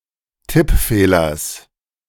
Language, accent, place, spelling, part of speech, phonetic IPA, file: German, Germany, Berlin, Tippfehlers, noun, [ˈtɪpˌfeːlɐs], De-Tippfehlers.ogg
- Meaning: genitive singular of Tippfehler